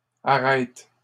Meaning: third-person plural present indicative/subjunctive of arrêter
- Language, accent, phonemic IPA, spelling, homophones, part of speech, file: French, Canada, /a.ʁɛt/, arrêtent, arrête / arrêtes, verb, LL-Q150 (fra)-arrêtent.wav